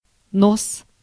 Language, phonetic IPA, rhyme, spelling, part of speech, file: Russian, [nos], -os, нос, noun, Ru-нос.ogg
- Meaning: 1. nose 2. bow, prow (boats) 3. forepart, point 4. horn (of an anvil) 5. headland, promontory, point (geology) 6. lip (for pouring)